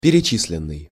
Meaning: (verb) past passive perfective participle of перечи́слить (perečíslitʹ); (adjective) listed
- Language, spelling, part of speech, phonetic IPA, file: Russian, перечисленный, verb / adjective, [pʲɪrʲɪˈt͡ɕis⁽ʲ⁾lʲɪn(ː)ɨj], Ru-перечисленный.ogg